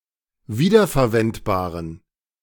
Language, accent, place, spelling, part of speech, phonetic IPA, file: German, Germany, Berlin, wiederverwendbaren, adjective, [ˈviːdɐfɛɐ̯ˌvɛntbaːʁən], De-wiederverwendbaren.ogg
- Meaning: inflection of wiederverwendbar: 1. strong genitive masculine/neuter singular 2. weak/mixed genitive/dative all-gender singular 3. strong/weak/mixed accusative masculine singular